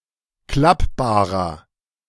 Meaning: inflection of klappbar: 1. strong/mixed nominative masculine singular 2. strong genitive/dative feminine singular 3. strong genitive plural
- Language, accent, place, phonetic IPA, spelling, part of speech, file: German, Germany, Berlin, [ˈklapbaːʁɐ], klappbarer, adjective, De-klappbarer.ogg